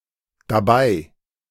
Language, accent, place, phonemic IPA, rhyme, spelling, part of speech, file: German, Germany, Berlin, /daˑˈbaɪ̯/, -aɪ̯, dabei, adverb, De-dabei.ogg
- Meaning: 1. pronominal adverb of bei (replaces bei + demonstrative or personal pronoun, unless referring to people) 2. with one, on one 3. indeed, (but) actually (expressing a contradiction)